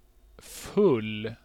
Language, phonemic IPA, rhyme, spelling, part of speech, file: Swedish, /ˈfɵlː/, -ɵlː, full, adjective, Sv-full.ogg
- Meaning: 1. full (containing the maximum possible amount) 2. drunk (intoxicated)